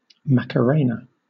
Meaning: A particular line dance with a set of simple arm movements and exaggerated hip motion performed to a fast Latin rhythm
- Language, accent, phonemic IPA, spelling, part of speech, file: English, Southern England, /ˌmækəˈɹeɪnə/, Macarena, noun, LL-Q1860 (eng)-Macarena.wav